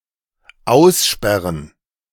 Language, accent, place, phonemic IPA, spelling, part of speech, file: German, Germany, Berlin, /ˈaʊ̯sˌʃpɛʁən/, aussperren, verb, De-aussperren.ogg
- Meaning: to lock out (To prevent from entering a place, particularly oneself, inadvertently)